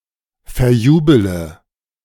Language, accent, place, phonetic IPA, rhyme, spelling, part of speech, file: German, Germany, Berlin, [fɛɐ̯ˈjuːbələ], -uːbələ, verjubele, verb, De-verjubele.ogg
- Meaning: inflection of verjubeln: 1. first-person singular present 2. first-person plural subjunctive I 3. third-person singular subjunctive I 4. singular imperative